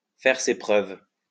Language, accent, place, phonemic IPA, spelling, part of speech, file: French, France, Lyon, /fɛʁ se pʁœv/, faire ses preuves, verb, LL-Q150 (fra)-faire ses preuves.wav
- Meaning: to prove oneself, to prove one's worth, to win one's spurs, to earn one's stripes, to earn one's wings